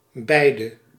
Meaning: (determiner) both
- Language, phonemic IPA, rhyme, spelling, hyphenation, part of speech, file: Dutch, /ˈbɛi̯.də/, -ɛi̯də, beide, bei‧de, determiner / pronoun, Nl-beide.ogg